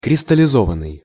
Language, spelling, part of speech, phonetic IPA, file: Russian, кристаллизованный, verb, [krʲɪstəlʲɪˈzovən(ː)ɨj], Ru-кристаллизованный.ogg
- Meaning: 1. past passive imperfective participle of кристаллизова́ть (kristallizovátʹ) 2. past passive perfective participle of кристаллизова́ть (kristallizovátʹ)